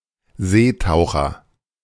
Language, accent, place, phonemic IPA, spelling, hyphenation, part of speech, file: German, Germany, Berlin, /ˈzeːtaʊ̯xɐ/, Seetaucher, See‧tau‧cher, noun, De-Seetaucher.ogg
- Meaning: loon (bird of order Gaviiformes)